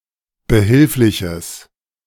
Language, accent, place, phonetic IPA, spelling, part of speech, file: German, Germany, Berlin, [bəˈhɪlflɪçəs], behilfliches, adjective, De-behilfliches.ogg
- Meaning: strong/mixed nominative/accusative neuter singular of behilflich